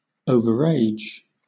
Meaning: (adjective) 1. Having an age that is greater than a stipulated minimum 2. Too old to be of use in a particular situation; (verb) To have too long an aging process
- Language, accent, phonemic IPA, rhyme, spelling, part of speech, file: English, Southern England, /ˈəʊvəɹˈeɪd͡ʒ/, -eɪdʒ, overage, adjective / verb, LL-Q1860 (eng)-overage.wav